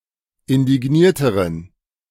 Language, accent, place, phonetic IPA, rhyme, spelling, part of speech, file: German, Germany, Berlin, [ɪndɪˈɡniːɐ̯təʁən], -iːɐ̯təʁən, indignierteren, adjective, De-indignierteren.ogg
- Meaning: inflection of indigniert: 1. strong genitive masculine/neuter singular comparative degree 2. weak/mixed genitive/dative all-gender singular comparative degree